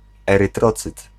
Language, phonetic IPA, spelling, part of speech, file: Polish, [ˌɛrɨˈtrɔt͡sɨt], erytrocyt, noun, Pl-erytrocyt.ogg